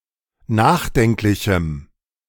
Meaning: strong dative masculine/neuter singular of nachdenklich
- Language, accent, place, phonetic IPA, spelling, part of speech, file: German, Germany, Berlin, [ˈnaːxˌdɛŋklɪçm̩], nachdenklichem, adjective, De-nachdenklichem.ogg